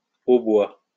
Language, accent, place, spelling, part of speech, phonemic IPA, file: French, France, Lyon, hautbois, noun, /o.bwa/, LL-Q150 (fra)-hautbois.wav
- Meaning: 1. oboe 2. oboist